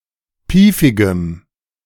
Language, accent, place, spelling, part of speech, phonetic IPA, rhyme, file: German, Germany, Berlin, piefigem, adjective, [ˈpiːfɪɡəm], -iːfɪɡəm, De-piefigem.ogg
- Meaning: strong dative masculine/neuter singular of piefig